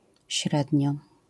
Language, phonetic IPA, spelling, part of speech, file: Polish, [ˈɕrɛdʲɲɔ], średnio, adverb, LL-Q809 (pol)-średnio.wav